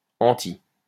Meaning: anti-
- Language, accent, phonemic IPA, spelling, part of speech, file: French, France, /ɑ̃.ti/, anti-, prefix, LL-Q150 (fra)-anti-.wav